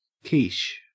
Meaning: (noun) A pie made primarily of egg and cream, perhaps mixed with chopped meat or vegetables, in a pastry crust; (adjective) Extremely appealing to look at; sexually alluring
- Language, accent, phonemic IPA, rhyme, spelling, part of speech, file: English, Australia, /kiːʃ/, -iːʃ, quiche, noun / adjective, En-au-quiche.ogg